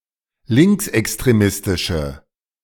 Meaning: inflection of linksextremistisch: 1. strong/mixed nominative/accusative feminine singular 2. strong nominative/accusative plural 3. weak nominative all-gender singular
- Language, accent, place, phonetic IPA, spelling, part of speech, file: German, Germany, Berlin, [ˈlɪŋksʔɛkstʁeˌmɪstɪʃə], linksextremistische, adjective, De-linksextremistische.ogg